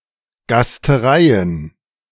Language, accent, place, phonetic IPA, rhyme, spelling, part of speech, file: German, Germany, Berlin, [ɡastəˈʁaɪ̯ən], -aɪ̯ən, Gastereien, noun, De-Gastereien.ogg
- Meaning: plural of Gasterei